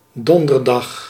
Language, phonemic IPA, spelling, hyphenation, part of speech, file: Dutch, /ˈdɔn.dərˌdɑx/, donderdag, don‧der‧dag, noun / adverb, Nl-donderdag.ogg
- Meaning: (noun) Thursday; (adverb) on Thursday